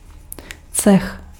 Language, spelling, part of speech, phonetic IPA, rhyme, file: Czech, cech, noun, [ˈt͡sɛx], -ɛx, Cs-cech.ogg
- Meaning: guild